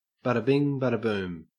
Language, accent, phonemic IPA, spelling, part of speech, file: English, Australia, /ˌbɑdə ˈbɪŋ ˌbɑdə ˈbuːm/, bada bing bada boom, interjection, En-au-bada bing bada boom.ogg
- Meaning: Expressing that something was easily completed, was simple to accomplish, or followed as a direct consequence